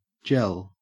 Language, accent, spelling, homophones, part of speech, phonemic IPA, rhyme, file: English, Australia, jel, gel / jell, adjective, /d͡ʒɛl/, -ɛl, En-au-jel.ogg
- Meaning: jealous